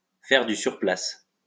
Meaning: to tread water, to be at a standstill, to not get anywhere, to go round in circles, to stagnate
- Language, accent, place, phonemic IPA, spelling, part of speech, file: French, France, Lyon, /fɛʁ dy syʁ plas/, faire du sur place, verb, LL-Q150 (fra)-faire du sur place.wav